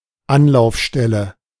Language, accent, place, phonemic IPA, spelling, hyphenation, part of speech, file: German, Germany, Berlin, /ˈanlaʊ̯fʃtɛlə/, Anlaufstelle, An‧lauf‧stel‧le, noun, De-Anlaufstelle.ogg
- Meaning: contact point, drop-in center, reception center